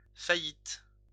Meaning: 1. bankruptcy 2. failure
- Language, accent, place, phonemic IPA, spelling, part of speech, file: French, France, Lyon, /fa.jit/, faillite, noun, LL-Q150 (fra)-faillite.wav